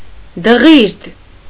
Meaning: alternative form of դղորդ (dġord)
- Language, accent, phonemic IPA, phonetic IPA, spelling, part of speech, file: Armenian, Eastern Armenian, /dəˈʁiɾd/, [dəʁíɾd], դղիրդ, noun, Hy-դղիրդ.ogg